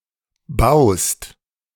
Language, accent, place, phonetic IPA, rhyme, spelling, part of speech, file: German, Germany, Berlin, [baʊ̯st], -aʊ̯st, baust, verb, De-baust.ogg
- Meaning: second-person singular present of bauen